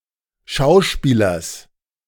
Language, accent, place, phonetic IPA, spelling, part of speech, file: German, Germany, Berlin, [ˈʃaʊ̯ˌʃpiːlɐs], Schauspielers, noun, De-Schauspielers.ogg
- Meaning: genitive singular of Schauspieler